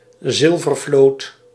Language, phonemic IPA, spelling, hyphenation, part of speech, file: Dutch, /ˈzɪl.vərˌvloːt/, zilvervloot, zil‧ver‧vloot, noun, Nl-zilvervloot.ogg
- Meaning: silver fleet (fleet transporting silver)